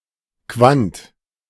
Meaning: quantum (indivisible unit of a given quantity)
- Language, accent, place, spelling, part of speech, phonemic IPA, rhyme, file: German, Germany, Berlin, Quant, noun, /kvant/, -ant, De-Quant.ogg